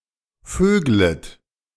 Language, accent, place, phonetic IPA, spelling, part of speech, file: German, Germany, Berlin, [ˈføːɡlət], vöglet, verb, De-vöglet.ogg
- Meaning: second-person plural subjunctive I of vögeln